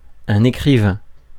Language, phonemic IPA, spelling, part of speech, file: French, /e.kʁi.vɛ̃/, écrivain, noun, Fr-écrivain.ogg
- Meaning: writer